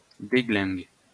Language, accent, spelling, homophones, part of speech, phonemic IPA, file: French, France, déglingue, déglinguent / déglingues, verb, /de.ɡlɛ̃ɡ/, LL-Q150 (fra)-déglingue.wav
- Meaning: inflection of déglinguer: 1. first/third-person singular present indicative/subjunctive 2. second-person singular imperative